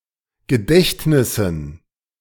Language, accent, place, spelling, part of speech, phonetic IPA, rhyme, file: German, Germany, Berlin, Gedächtnissen, noun, [ɡəˈdɛçtnɪsn̩], -ɛçtnɪsn̩, De-Gedächtnissen.ogg
- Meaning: plural of Gedächtnis